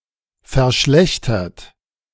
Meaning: 1. past participle of verschlechtern 2. inflection of verschlechtern: third-person singular present 3. inflection of verschlechtern: second-person plural present
- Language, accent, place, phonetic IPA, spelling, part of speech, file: German, Germany, Berlin, [fɛɐ̯ˈʃlɛçtɐt], verschlechtert, verb, De-verschlechtert.ogg